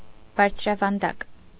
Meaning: 1. plateau, tableland 2. highland 3. high, elevated
- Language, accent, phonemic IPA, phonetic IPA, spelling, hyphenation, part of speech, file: Armenian, Eastern Armenian, /bɑɾt͡sʰɾɑvɑnˈdɑk/, [bɑɾt͡sʰɾɑvɑndɑ́k], բարձրավանդակ, բարձ‧րա‧վան‧դակ, noun, Hy-բարձրավանդակ.ogg